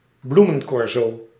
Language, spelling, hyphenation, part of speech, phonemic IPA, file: Dutch, bloemencorso, bloe‧men‧cor‧so, noun, /ˈblu.mə(n)ˌkɔr.soː/, Nl-bloemencorso.ogg
- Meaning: flower parade, flower pageant